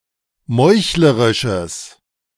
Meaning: strong/mixed nominative/accusative neuter singular of meuchlerisch
- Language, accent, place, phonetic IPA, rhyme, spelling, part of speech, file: German, Germany, Berlin, [ˈmɔɪ̯çləʁɪʃəs], -ɔɪ̯çləʁɪʃəs, meuchlerisches, adjective, De-meuchlerisches.ogg